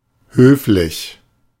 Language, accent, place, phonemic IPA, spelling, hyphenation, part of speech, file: German, Germany, Berlin, /ˈhøːflɪç/, höflich, höf‧lich, adjective, De-höflich.ogg
- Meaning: polite (well-mannered)